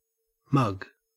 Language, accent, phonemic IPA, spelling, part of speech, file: English, Australia, /mɐɡ/, mug, noun / verb / adjective, En-au-mug.ogg
- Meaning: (noun) 1. A large cup for beverages, usually having a handle and used without a saucer 2. The face 3. The mouth 4. A gullible or easily cheated person 5. A stupid or contemptible person 6. A criminal